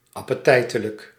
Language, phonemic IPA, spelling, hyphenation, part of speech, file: Dutch, /ˌɑ.pəˈtɛi̯.tə.lək/, appetijtelijk, ap‧pe‧tij‧te‧lijk, adjective, Nl-appetijtelijk.ogg
- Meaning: tasty, appetising